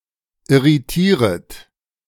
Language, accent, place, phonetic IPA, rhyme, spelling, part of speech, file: German, Germany, Berlin, [ɪʁiˈtiːʁət], -iːʁət, irritieret, verb, De-irritieret.ogg
- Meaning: second-person plural subjunctive I of irritieren